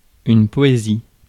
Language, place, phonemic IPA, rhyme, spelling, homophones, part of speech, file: French, Paris, /pɔ.e.zi/, -i, poésie, poésies, noun, Fr-poésie.ogg
- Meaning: 1. poetry (literature composed in verse) 2. poetry